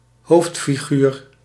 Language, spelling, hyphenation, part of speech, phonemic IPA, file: Dutch, hoofdfiguur, hoofd‧fi‧guur, noun, /ˈɦoːft.fiˌɣyːr/, Nl-hoofdfiguur.ogg
- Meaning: protagonist